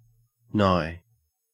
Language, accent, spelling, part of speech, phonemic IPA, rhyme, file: English, Australia, nigh, adjective / verb / adverb / preposition, /naɪ/, -aɪ, En-au-nigh.ogg
- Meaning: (adjective) 1. Near, close by 2. Not remote in degree, kindred, circumstances, etc.; closely allied; intimate; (verb) to draw nigh (to); to approach; to come near; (adverb) Almost, nearly